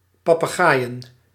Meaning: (noun) plural of papegaai; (verb) to parrot (to repeat without necessarily understanding)
- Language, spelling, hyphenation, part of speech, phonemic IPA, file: Dutch, papegaaien, pa‧pe‧gaai‧en, noun / verb, /pɑpəˈɣaːjə(n)/, Nl-papegaaien.ogg